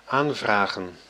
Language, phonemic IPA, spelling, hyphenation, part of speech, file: Dutch, /ˈaːnˌvraːɣə(n)/, aanvragen, aan‧vra‧gen, verb / noun, Nl-aanvragen.ogg
- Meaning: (verb) to request, to apply for, to order; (noun) plural of aanvraag